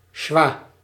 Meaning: schwa
- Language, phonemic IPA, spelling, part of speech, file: Dutch, /ʃʋaː/, sjwa, noun, Nl-sjwa.ogg